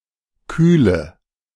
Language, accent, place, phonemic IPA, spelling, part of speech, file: German, Germany, Berlin, /ˈkyːlə/, Kühle, noun, De-Kühle.ogg
- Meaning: coolness